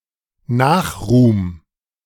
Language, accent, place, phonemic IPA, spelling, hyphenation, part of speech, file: German, Germany, Berlin, /ˈnaːxˌʁuːm/, Nachruhm, Nach‧ruhm, noun, De-Nachruhm.ogg
- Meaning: posthumous fame